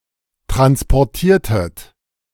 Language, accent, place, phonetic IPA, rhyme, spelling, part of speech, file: German, Germany, Berlin, [ˌtʁanspɔʁˈtiːɐ̯tət], -iːɐ̯tət, transportiertet, verb, De-transportiertet.ogg
- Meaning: inflection of transportieren: 1. second-person plural preterite 2. second-person plural subjunctive II